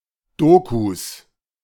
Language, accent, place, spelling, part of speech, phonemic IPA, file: German, Germany, Berlin, Dokus, noun, /ˈdoːkus/, De-Dokus.ogg
- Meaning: plural of Doku